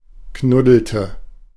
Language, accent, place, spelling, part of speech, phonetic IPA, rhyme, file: German, Germany, Berlin, knuddelte, verb, [ˈknʊdl̩tə], -ʊdl̩tə, De-knuddelte.ogg
- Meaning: inflection of knuddeln: 1. first/third-person singular preterite 2. first/third-person singular subjunctive II